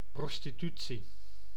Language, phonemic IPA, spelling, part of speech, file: Dutch, /ˌprɔstiˈty(t)si/, prostitutie, noun, Nl-prostitutie.ogg
- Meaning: 1. prostitution, offering sex for payment 2. any scandalous abuse for profit